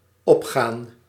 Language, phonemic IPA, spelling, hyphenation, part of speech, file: Dutch, /ˈɔpxaːn/, opgaan, op‧gaan, verb, Nl-opgaan.ogg
- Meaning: 1. to go up, ascend 2. to be a candidate, to make an attempt, to make a bid (for a test, prize etc.), to be tested 3. to hold true, to apply, to be significant